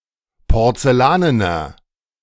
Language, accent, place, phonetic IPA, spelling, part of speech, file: German, Germany, Berlin, [pɔʁt͡sɛˈlaːnənɐ], porzellanener, adjective, De-porzellanener.ogg
- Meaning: inflection of porzellanen: 1. strong/mixed nominative masculine singular 2. strong genitive/dative feminine singular 3. strong genitive plural